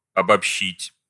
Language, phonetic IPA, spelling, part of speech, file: Russian, [ɐbɐpˈɕːitʲ], обобщить, verb, Ru-обобщить.ogg
- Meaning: to generalize, to summarize